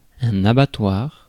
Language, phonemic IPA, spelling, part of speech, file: French, /a.ba.twaʁ/, abattoir, noun, Fr-abattoir.ogg
- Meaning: 1. abattoir, slaughterhouse (place where animals are slaughtered) 2. abattoir, slaughterhouse (place or event likened to a slaughterhouse, because of great carnage or bloodshed)